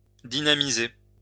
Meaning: to dynamize, dynamise (make more dynamic)
- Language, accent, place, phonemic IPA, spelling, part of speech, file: French, France, Lyon, /di.na.mi.ze/, dynamiser, verb, LL-Q150 (fra)-dynamiser.wav